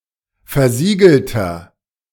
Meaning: inflection of versiegelt: 1. strong/mixed nominative masculine singular 2. strong genitive/dative feminine singular 3. strong genitive plural
- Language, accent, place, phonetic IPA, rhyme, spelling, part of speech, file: German, Germany, Berlin, [fɛɐ̯ˈziːɡl̩tɐ], -iːɡl̩tɐ, versiegelter, adjective, De-versiegelter.ogg